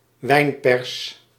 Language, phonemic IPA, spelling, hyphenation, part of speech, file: Dutch, /ˈʋɛi̯n.pɛrs/, wijnpers, wijn‧pers, noun, Nl-wijnpers.ogg
- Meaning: a winepress